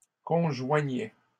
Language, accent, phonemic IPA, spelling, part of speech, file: French, Canada, /kɔ̃.ʒwa.ɲɛ/, conjoignait, verb, LL-Q150 (fra)-conjoignait.wav
- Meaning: third-person singular imperfect indicative of conjoindre